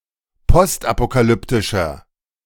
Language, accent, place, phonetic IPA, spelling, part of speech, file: German, Germany, Berlin, [ˈpɔstʔapokaˌlʏptɪʃɐ], postapokalyptischer, adjective, De-postapokalyptischer.ogg
- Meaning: inflection of postapokalyptisch: 1. strong/mixed nominative masculine singular 2. strong genitive/dative feminine singular 3. strong genitive plural